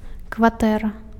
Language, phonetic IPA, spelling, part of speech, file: Belarusian, [kvaˈtɛra], кватэра, noun, Be-кватэра.ogg
- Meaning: apartment, flat